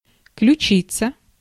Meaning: clavicle, collar-bone
- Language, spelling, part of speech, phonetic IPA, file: Russian, ключица, noun, [klʲʉˈt͡ɕit͡sə], Ru-ключица.ogg